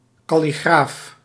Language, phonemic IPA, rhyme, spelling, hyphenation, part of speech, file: Dutch, /ˌkɑ.liˈɣraːf/, -aːf, kalligraaf, kal‧li‧graaf, noun, Nl-kalligraaf.ogg
- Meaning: calligrapher